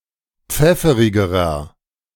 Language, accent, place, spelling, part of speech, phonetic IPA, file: German, Germany, Berlin, pfefferigerer, adjective, [ˈp͡fɛfəʁɪɡəʁɐ], De-pfefferigerer.ogg
- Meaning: inflection of pfefferig: 1. strong/mixed nominative masculine singular comparative degree 2. strong genitive/dative feminine singular comparative degree 3. strong genitive plural comparative degree